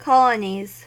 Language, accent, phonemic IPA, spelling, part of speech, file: English, US, /ˈkɒləniz/, colonies, noun, En-us-colonies.ogg
- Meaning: plural of colony